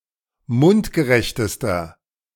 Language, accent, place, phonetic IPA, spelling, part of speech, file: German, Germany, Berlin, [ˈmʊntɡəˌʁɛçtəstɐ], mundgerechtester, adjective, De-mundgerechtester.ogg
- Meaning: inflection of mundgerecht: 1. strong/mixed nominative masculine singular superlative degree 2. strong genitive/dative feminine singular superlative degree 3. strong genitive plural superlative degree